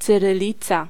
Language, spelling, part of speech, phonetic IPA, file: Polish, cyrylica, noun, [ˌt͡sɨrɨˈlʲit͡sa], Pl-cyrylica.ogg